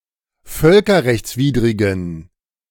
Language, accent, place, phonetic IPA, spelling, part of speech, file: German, Germany, Berlin, [ˈfœlkɐʁɛçt͡sˌviːdʁɪɡn̩], völkerrechtswidrigen, adjective, De-völkerrechtswidrigen.ogg
- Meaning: inflection of völkerrechtswidrig: 1. strong genitive masculine/neuter singular 2. weak/mixed genitive/dative all-gender singular 3. strong/weak/mixed accusative masculine singular